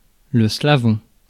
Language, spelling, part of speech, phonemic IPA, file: French, slavon, adjective / noun, /sla.vɔ̃/, Fr-slavon.ogg
- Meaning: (adjective) 1. of Slavonia; Slavonic 2. of the Slavonic language; Slavonic; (noun) Slavonic